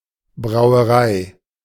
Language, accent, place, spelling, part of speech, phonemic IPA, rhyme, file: German, Germany, Berlin, Brauerei, noun, /bʁaʊ̯əˈʁaɪ̯/, -aɪ̯, De-Brauerei.ogg
- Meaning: brewery